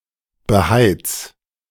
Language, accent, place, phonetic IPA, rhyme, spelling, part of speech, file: German, Germany, Berlin, [bəˈhaɪ̯t͡s], -aɪ̯t͡s, beheiz, verb, De-beheiz.ogg
- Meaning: 1. singular imperative of beheizen 2. first-person singular present of beheizen